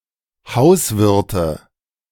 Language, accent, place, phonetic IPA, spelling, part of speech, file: German, Germany, Berlin, [ˈhaʊ̯sˌvɪʁtə], Hauswirte, noun, De-Hauswirte.ogg
- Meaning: nominative/accusative/genitive plural of Hauswirt